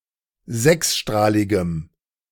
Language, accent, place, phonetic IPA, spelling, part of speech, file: German, Germany, Berlin, [ˈzɛksˌʃtʁaːlɪɡəm], sechsstrahligem, adjective, De-sechsstrahligem.ogg
- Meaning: strong dative masculine/neuter singular of sechsstrahlig